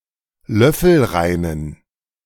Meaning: inflection of löffelrein: 1. strong genitive masculine/neuter singular 2. weak/mixed genitive/dative all-gender singular 3. strong/weak/mixed accusative masculine singular 4. strong dative plural
- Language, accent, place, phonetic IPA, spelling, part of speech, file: German, Germany, Berlin, [ˈlœfl̩ˌʁaɪ̯nən], löffelreinen, adjective, De-löffelreinen.ogg